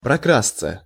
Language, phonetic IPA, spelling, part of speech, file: Russian, [prɐˈkrast͡sə], прокрасться, verb, Ru-прокрасться.ogg
- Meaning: 1. to sneak (somewhere) 2. to arise imperceptibly, to sneak in (of thoughts or feelings)